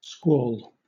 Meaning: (verb) 1. To cry or wail loudly 2. To fall suddenly and forcefully, as if a squall; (noun) 1. A sudden storm, as found in a squall line 2. A squall line, multicell line, or part of a squall line
- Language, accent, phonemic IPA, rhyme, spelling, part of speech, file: English, Southern England, /ˈskwɔːl/, -ɔːl, squall, verb / noun, LL-Q1860 (eng)-squall.wav